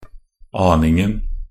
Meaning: 1. definite masculine singular of aning 2. definite singular of aning
- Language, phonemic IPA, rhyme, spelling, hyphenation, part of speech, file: Norwegian Bokmål, /ˈɑːnɪŋn̩/, -ɪŋn̩, aningen, an‧ing‧en, noun, Nb-aningen.ogg